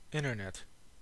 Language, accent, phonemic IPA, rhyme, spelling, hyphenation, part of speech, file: English, General American, /ˈɪn.(t)ɚˌnɛt/, -ɛt, internet, in‧ter‧net, proper noun / noun / verb, En-us-internet.ogg